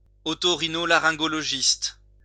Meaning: otorhinolaryngologist
- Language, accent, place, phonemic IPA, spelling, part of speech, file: French, France, Lyon, /ɔ.to.ʁi.no.la.ʁɛ̃.ɡɔ.lɔ.ʒist/, oto-rhino-laryngologiste, noun, LL-Q150 (fra)-oto-rhino-laryngologiste.wav